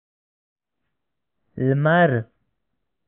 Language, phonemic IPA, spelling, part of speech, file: Pashto, /lmar/, لمر, noun, Ps-لمر.oga
- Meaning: sun